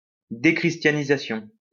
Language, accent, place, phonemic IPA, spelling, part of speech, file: French, France, Lyon, /de.kʁis.tja.ni.za.sjɔ̃/, déchristianisation, noun, LL-Q150 (fra)-déchristianisation.wav
- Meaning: dechristianization